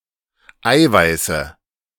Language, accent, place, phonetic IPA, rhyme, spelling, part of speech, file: German, Germany, Berlin, [ˈaɪ̯vaɪ̯sə], -aɪ̯vaɪ̯sə, Eiweiße, noun, De-Eiweiße.ogg
- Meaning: nominative/accusative/genitive plural of Eiweiß